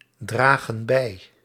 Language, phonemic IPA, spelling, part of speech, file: Dutch, /ˈdraɣə(n) ˈbɛi/, dragen bij, verb, Nl-dragen bij.ogg
- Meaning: inflection of bijdragen: 1. plural present indicative 2. plural present subjunctive